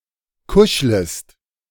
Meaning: second-person singular subjunctive I of kuscheln
- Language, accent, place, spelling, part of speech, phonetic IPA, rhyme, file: German, Germany, Berlin, kuschlest, verb, [ˈkʊʃləst], -ʊʃləst, De-kuschlest.ogg